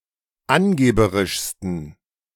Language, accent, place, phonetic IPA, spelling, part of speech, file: German, Germany, Berlin, [ˈanˌɡeːbəʁɪʃstn̩], angeberischsten, adjective, De-angeberischsten.ogg
- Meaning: 1. superlative degree of angeberisch 2. inflection of angeberisch: strong genitive masculine/neuter singular superlative degree